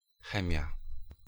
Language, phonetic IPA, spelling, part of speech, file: Polish, [ˈxɛ̃mʲja], chemia, noun, Pl-chemia.ogg